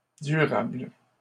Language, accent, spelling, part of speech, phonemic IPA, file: French, Canada, durables, adjective, /dy.ʁabl/, LL-Q150 (fra)-durables.wav
- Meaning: plural of durable